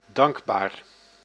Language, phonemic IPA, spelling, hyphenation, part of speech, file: Dutch, /ˈdɑŋk.baːr/, dankbaar, dank‧baar, adjective, Nl-dankbaar.ogg
- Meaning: 1. thankful, grateful 2. gratifying, rewarding